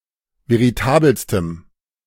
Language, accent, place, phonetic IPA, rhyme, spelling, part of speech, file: German, Germany, Berlin, [veʁiˈtaːbəlstəm], -aːbəlstəm, veritabelstem, adjective, De-veritabelstem.ogg
- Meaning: strong dative masculine/neuter singular superlative degree of veritabel